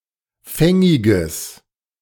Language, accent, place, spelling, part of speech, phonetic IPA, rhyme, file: German, Germany, Berlin, fängiges, adjective, [ˈfɛŋɪɡəs], -ɛŋɪɡəs, De-fängiges.ogg
- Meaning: strong/mixed nominative/accusative neuter singular of fängig